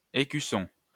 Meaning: 1. insignia, badge 2. escutcheon 3. bark of a tree containing what will become a bud (used in grafting)
- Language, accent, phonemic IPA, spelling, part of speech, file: French, France, /e.ky.sɔ̃/, écusson, noun, LL-Q150 (fra)-écusson.wav